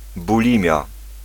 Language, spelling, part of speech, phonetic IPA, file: Polish, bulimia, noun, [buˈlʲĩmʲja], Pl-bulimia.ogg